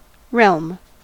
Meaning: A territory or state, as ruled by an absolute authority, especially by a king; a kingdom
- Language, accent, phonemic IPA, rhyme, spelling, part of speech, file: English, US, /ɹɛlm/, -ɛlm, realm, noun, En-us-realm.ogg